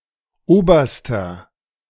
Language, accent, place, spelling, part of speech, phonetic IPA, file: German, Germany, Berlin, oberster, adjective, [ˈoːbɐstɐ], De-oberster.ogg
- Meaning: inflection of oberer: 1. strong/mixed nominative masculine singular superlative degree 2. strong genitive/dative feminine singular superlative degree 3. strong genitive plural superlative degree